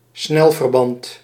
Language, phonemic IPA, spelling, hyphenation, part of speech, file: Dutch, /ˈsnɛl.vərˌbɑnt/, snelverband, snel‧ver‧band, noun, Nl-snelverband.ogg
- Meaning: a bandage that can be applied quickly